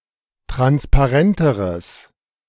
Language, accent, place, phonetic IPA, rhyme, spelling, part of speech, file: German, Germany, Berlin, [ˌtʁanspaˈʁɛntəʁəs], -ɛntəʁəs, transparenteres, adjective, De-transparenteres.ogg
- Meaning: strong/mixed nominative/accusative neuter singular comparative degree of transparent